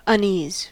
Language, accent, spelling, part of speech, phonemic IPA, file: English, US, unease, noun / verb, /ʌnˈiːz/, En-us-unease.ogg
- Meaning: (noun) Trouble; misery; a feeling of disquiet or concern; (verb) To make uneasy or uncomfortable